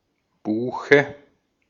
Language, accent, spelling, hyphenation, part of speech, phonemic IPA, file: German, Austria, Buche, Bu‧che, noun, /ˈbuːxə/, De-at-Buche.ogg
- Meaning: 1. a beech (Fagus); the common tree 2. beech; the wood of the tree 3. dative singular of Buch